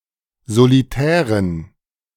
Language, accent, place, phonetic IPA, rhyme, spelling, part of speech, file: German, Germany, Berlin, [zoliˈtɛːʁən], -ɛːʁən, solitären, adjective, De-solitären.ogg
- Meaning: inflection of solitär: 1. strong genitive masculine/neuter singular 2. weak/mixed genitive/dative all-gender singular 3. strong/weak/mixed accusative masculine singular 4. strong dative plural